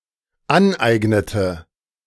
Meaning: inflection of aneignen: 1. first/third-person singular dependent preterite 2. first/third-person singular dependent subjunctive II
- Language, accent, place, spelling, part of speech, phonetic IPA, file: German, Germany, Berlin, aneignete, verb, [ˈanˌʔaɪ̯ɡnətə], De-aneignete.ogg